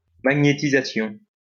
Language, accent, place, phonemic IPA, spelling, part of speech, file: French, France, Lyon, /ma.ɲe.ti.za.sjɔ̃/, magnétisation, noun, LL-Q150 (fra)-magnétisation.wav
- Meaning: magnetization (the act of magnetizing, or the state of being magnetized)